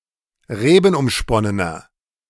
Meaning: inflection of rebenumsponnen: 1. strong/mixed nominative masculine singular 2. strong genitive/dative feminine singular 3. strong genitive plural
- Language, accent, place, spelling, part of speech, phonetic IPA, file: German, Germany, Berlin, rebenumsponnener, adjective, [ˈʁeːbn̩ʔʊmˌʃpɔnənɐ], De-rebenumsponnener.ogg